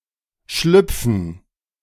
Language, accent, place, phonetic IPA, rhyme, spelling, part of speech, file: German, Germany, Berlin, [ˈʃlʏp͡fn̩], -ʏp͡fn̩, Schlüpfen, noun, De-Schlüpfen.ogg
- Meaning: gerund of schlüpfen